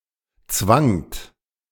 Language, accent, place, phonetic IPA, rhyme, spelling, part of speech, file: German, Germany, Berlin, [t͡svaŋt], -aŋt, zwangt, verb, De-zwangt.ogg
- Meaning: second-person plural preterite of zwingen